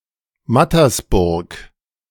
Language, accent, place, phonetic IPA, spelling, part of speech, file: German, Germany, Berlin, [ˈmatɐsˌbʊʁk], Mattersburg, proper noun, De-Mattersburg.ogg
- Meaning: a municipality of Burgenland, Austria